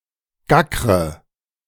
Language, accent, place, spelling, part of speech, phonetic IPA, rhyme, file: German, Germany, Berlin, gackre, verb, [ˈɡakʁə], -akʁə, De-gackre.ogg
- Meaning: inflection of gackern: 1. first-person singular present 2. first/third-person singular subjunctive I 3. singular imperative